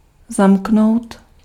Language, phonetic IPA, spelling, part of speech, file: Czech, [ˈzamknou̯t], zamknout, verb, Cs-zamknout.ogg
- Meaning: to lock (to fasten with lock)